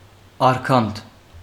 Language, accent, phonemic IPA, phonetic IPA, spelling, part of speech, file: Armenian, Western Armenian, /ɑɾˈkɑnt/, [ɑɾkʰɑ́ntʰ], արգանդ, noun, HyW-արգանդ.ogg
- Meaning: womb, uterus